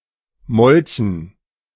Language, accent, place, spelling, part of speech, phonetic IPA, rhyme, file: German, Germany, Berlin, Molchen, noun, [ˈmɔlçn̩], -ɔlçn̩, De-Molchen.ogg
- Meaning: dative plural of Molch